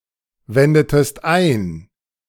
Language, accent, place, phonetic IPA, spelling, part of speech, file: German, Germany, Berlin, [ˌvɛndətəst ˈaɪ̯n], wendetest ein, verb, De-wendetest ein.ogg
- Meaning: inflection of einwenden: 1. second-person singular preterite 2. second-person singular subjunctive II